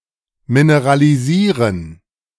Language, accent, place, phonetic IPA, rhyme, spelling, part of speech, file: German, Germany, Berlin, [minəʁaliˈziːʁən], -iːʁən, mineralisieren, verb, De-mineralisieren.ogg
- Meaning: to mineralize